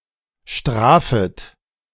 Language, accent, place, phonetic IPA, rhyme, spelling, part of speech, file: German, Germany, Berlin, [ˈʃtʁaːfət], -aːfət, strafet, verb, De-strafet.ogg
- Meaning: second-person plural subjunctive I of strafen